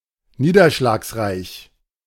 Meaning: rainy, (with high precipitation)
- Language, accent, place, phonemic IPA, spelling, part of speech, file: German, Germany, Berlin, /ˈniːdɐʃlaːksˌʁaɪ̯ç/, niederschlagsreich, adjective, De-niederschlagsreich.ogg